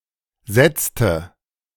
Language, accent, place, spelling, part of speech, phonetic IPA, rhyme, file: German, Germany, Berlin, setzte, verb, [ˈzɛt͡stə], -ɛt͡stə, De-setzte.ogg
- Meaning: inflection of setzen: 1. first/third-person singular preterite 2. first/third-person singular subjunctive II